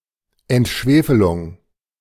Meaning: desulfurization
- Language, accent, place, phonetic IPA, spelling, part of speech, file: German, Germany, Berlin, [ɛntˈʃveːfəlʊŋ], Entschwefelung, noun, De-Entschwefelung.ogg